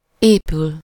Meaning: to be built, be erected, be constructed, be being built, be under construction
- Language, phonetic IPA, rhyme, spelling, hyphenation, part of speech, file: Hungarian, [ˈeːpyl], -yl, épül, épül, verb, Hu-épül.ogg